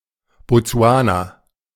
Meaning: Botswana (a country in Southern Africa)
- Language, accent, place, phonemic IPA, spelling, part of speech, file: German, Germany, Berlin, /bɔˈtsu̯aːna/, Botsuana, proper noun, De-Botsuana.ogg